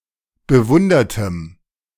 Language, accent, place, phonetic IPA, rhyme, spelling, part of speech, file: German, Germany, Berlin, [bəˈvʊndɐtəm], -ʊndɐtəm, bewundertem, adjective, De-bewundertem.ogg
- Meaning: strong dative masculine/neuter singular of bewundert